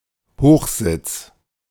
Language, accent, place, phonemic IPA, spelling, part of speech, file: German, Germany, Berlin, /ˈhoːχzɪts/, Hochsitz, noun, De-Hochsitz.ogg
- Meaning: raised hide; deer stand; machan; hunting blind, raised blind, high seat (covered structure for observing animals)